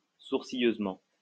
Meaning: fussily
- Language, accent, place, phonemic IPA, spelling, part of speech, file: French, France, Lyon, /suʁ.si.jøz.mɑ̃/, sourcilleusement, adverb, LL-Q150 (fra)-sourcilleusement.wav